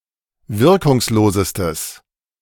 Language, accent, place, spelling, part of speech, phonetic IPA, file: German, Germany, Berlin, wirkungslosestes, adjective, [ˈvɪʁkʊŋsˌloːzəstəs], De-wirkungslosestes.ogg
- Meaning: strong/mixed nominative/accusative neuter singular superlative degree of wirkungslos